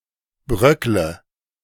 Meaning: inflection of bröckeln: 1. first-person singular present 2. singular imperative 3. first/third-person singular subjunctive I
- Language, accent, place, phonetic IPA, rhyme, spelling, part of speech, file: German, Germany, Berlin, [ˈbʁœklə], -œklə, bröckle, verb, De-bröckle.ogg